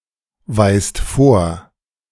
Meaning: inflection of vorweisen: 1. second-person plural present 2. plural imperative
- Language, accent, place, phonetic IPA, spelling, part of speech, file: German, Germany, Berlin, [ˌvaɪ̯st ˈfoːɐ̯], weist vor, verb, De-weist vor.ogg